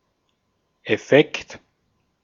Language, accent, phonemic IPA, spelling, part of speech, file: German, Austria, /ɛˈfɛkt/, Effekt, noun, De-at-Effekt.ogg
- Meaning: effect